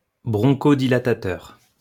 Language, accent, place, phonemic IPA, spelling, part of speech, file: French, France, Lyon, /bʁɔ̃.ko.di.la.ta.tœʁ/, bronchodilatateur, noun, LL-Q150 (fra)-bronchodilatateur.wav
- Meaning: bronchodilator